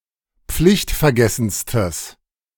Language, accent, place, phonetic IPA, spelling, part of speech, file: German, Germany, Berlin, [ˈp͡flɪçtfɛɐ̯ˌɡɛsn̩stəs], pflichtvergessenstes, adjective, De-pflichtvergessenstes.ogg
- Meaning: strong/mixed nominative/accusative neuter singular superlative degree of pflichtvergessen